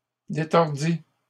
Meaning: third-person singular past historic of détordre
- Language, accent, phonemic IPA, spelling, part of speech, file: French, Canada, /de.tɔʁ.di/, détordit, verb, LL-Q150 (fra)-détordit.wav